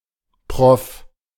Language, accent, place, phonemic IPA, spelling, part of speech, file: German, Germany, Berlin, /pʁɔf/, Prof, noun, De-Prof.ogg
- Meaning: clipping of Professor